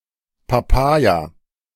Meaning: papaya, Carica papaya (fruit)
- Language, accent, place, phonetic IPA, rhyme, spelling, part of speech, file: German, Germany, Berlin, [paˈpaːja], -aːja, Papaya, noun, De-Papaya.ogg